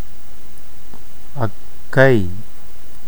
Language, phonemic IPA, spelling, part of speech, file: Tamil, /ɐkːɐɪ̯/, அக்கை, noun, Ta-அக்கை.ogg
- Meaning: elder sister